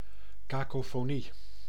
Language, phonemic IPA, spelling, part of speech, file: Dutch, /ˌkakofoˈni/, kakofonie, noun, Nl-kakofonie.ogg
- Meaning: a cacophony, mix of discordant sounds; dissonance